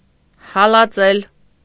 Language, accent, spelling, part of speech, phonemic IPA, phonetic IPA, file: Armenian, Eastern Armenian, հալածել, verb, /hɑlɑˈt͡sel/, [hɑlɑt͡sél], Hy-հալածել.ogg
- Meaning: 1. to pursue, to chase, to run after 2. to chase away, to drive away 3. to persecute, to harass, to oppress 4. to blow away, to dispel 5. to scatter, to strew, to disperse